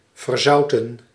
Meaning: 1. to become salty 2. to make salty, to fill or saturate with salt 3. to oversalt 4. past participle of verzouten
- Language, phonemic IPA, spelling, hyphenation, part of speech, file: Dutch, /vərˈzɑu̯.tə(n)/, verzouten, ver‧zou‧ten, verb, Nl-verzouten.ogg